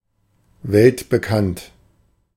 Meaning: world-famous
- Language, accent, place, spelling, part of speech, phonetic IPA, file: German, Germany, Berlin, weltbekannt, adjective, [ˈvɛltbəˌkant], De-weltbekannt.ogg